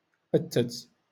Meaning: to furnish
- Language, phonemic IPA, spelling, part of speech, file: Moroccan Arabic, /ʔat.tat/, أتت, verb, LL-Q56426 (ary)-أتت.wav